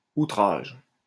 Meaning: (noun) 1. offence, insult, contempt 2. onslaught 3. contempt (e.g. of court); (verb) inflection of outrager: first/third-person singular present indicative/subjunctive
- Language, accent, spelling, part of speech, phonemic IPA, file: French, France, outrage, noun / verb, /u.tʁaʒ/, LL-Q150 (fra)-outrage.wav